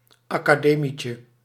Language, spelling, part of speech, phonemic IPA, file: Dutch, academietje, noun, /ɑkaˈdemicə/, Nl-academietje.ogg
- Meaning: diminutive of academie